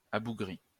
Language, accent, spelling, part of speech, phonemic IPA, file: French, France, abougri, verb / adjective, /a.bu.ɡʁi/, LL-Q150 (fra)-abougri.wav
- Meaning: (verb) past participle of abougrir; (adjective) stunted, squat